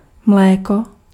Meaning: milk
- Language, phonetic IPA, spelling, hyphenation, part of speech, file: Czech, [ˈmlɛːko], mléko, mlé‧ko, noun, Cs-mléko.ogg